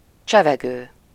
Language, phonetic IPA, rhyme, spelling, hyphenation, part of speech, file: Hungarian, [ˈt͡ʃɛvɛɡøː], -ɡøː, csevegő, cse‧ve‧gő, verb / adjective / noun, Hu-csevegő.ogg
- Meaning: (verb) present participle of cseveg; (adjective) chatty, talkative; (noun) 1. talker (a person who talks) 2. chat room 3. chat, chatting, instant messenger